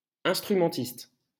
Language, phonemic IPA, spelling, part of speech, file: French, /ɛ̃s.tʁy.mɑ̃.tist/, instrumentiste, noun, LL-Q150 (fra)-instrumentiste.wav
- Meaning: instrumentalist